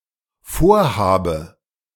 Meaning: inflection of vorhaben: 1. first-person singular dependent present 2. first/third-person singular dependent subjunctive I
- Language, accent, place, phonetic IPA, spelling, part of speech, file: German, Germany, Berlin, [ˈfoːɐ̯ˌhaːbə], vorhabe, verb, De-vorhabe.ogg